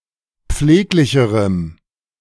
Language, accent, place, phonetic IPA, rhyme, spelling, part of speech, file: German, Germany, Berlin, [ˈp͡fleːklɪçəʁəm], -eːklɪçəʁəm, pfleglicherem, adjective, De-pfleglicherem.ogg
- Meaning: strong dative masculine/neuter singular comparative degree of pfleglich